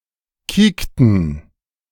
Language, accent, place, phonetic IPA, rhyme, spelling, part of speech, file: German, Germany, Berlin, [ˈkiːktn̩], -iːktn̩, kiekten, verb, De-kiekten.ogg
- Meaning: inflection of kieken: 1. first/third-person plural preterite 2. first/third-person plural subjunctive II